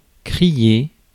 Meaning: 1. to cry out 2. to shout 3. to creak
- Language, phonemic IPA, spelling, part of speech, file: French, /kʁi.je/, crier, verb, Fr-crier.ogg